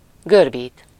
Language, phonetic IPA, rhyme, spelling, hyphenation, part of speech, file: Hungarian, [ˈɡørbiːt], -iːt, görbít, gör‧bít, verb, Hu-görbít.ogg
- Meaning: to bend (to cause something to change its shape into a curve)